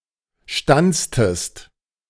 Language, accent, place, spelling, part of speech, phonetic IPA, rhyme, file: German, Germany, Berlin, stanztest, verb, [ˈʃtant͡stəst], -ant͡stəst, De-stanztest.ogg
- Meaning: inflection of stanzen: 1. second-person singular preterite 2. second-person singular subjunctive II